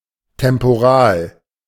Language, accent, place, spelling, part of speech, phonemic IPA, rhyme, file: German, Germany, Berlin, temporal, adjective, /tɛmpoˈʁaːl/, -aːl, De-temporal.ogg
- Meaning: temporal